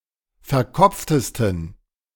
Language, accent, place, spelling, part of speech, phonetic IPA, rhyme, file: German, Germany, Berlin, verkopftesten, adjective, [fɛɐ̯ˈkɔp͡ftəstn̩], -ɔp͡ftəstn̩, De-verkopftesten.ogg
- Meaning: 1. superlative degree of verkopft 2. inflection of verkopft: strong genitive masculine/neuter singular superlative degree